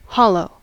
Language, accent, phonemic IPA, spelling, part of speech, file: English, US, /ˈhɑloʊ/, hollow, noun / verb / adjective / adverb / interjection, En-us-hollow.ogg
- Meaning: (noun) 1. A small valley between mountains 2. A sunken area on a surface 3. An unfilled space in something solid; a cavity, natural or artificial 4. A feeling of emptiness